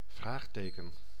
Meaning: 1. a question mark (?) 2. something that is unknown or unclear, something unanswered
- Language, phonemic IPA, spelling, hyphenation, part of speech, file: Dutch, /ˈvraːxˌteː.kə(n)/, vraagteken, vraag‧te‧ken, noun, Nl-vraagteken.ogg